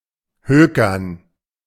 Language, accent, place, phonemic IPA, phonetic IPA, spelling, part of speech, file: German, Germany, Berlin, /ˈhøːkərn/, [ˈhøː.kɐn], hökern, verb, De-hökern.ogg
- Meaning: to trade